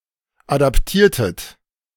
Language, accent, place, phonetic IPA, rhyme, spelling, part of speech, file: German, Germany, Berlin, [ˌadapˈtiːɐ̯tət], -iːɐ̯tət, adaptiertet, verb, De-adaptiertet.ogg
- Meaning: inflection of adaptieren: 1. second-person plural preterite 2. second-person plural subjunctive II